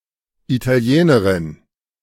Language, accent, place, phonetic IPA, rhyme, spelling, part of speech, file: German, Germany, Berlin, [itaˈli̯eːnəʁɪn], -eːnəʁɪn, Italienerin, noun, De-Italienerin.ogg
- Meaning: female Italian (person)